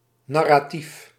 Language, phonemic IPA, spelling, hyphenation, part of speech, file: Dutch, /ˌnɑ.raːˈtif/, narratief, nar‧ra‧tief, adjective / noun, Nl-narratief.ogg
- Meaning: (adjective) narrative; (noun) 1. the systematic recitation of an event or series of events; a narrative 2. that which is narrated; a narrative 3. a representation of an event or story; a narrative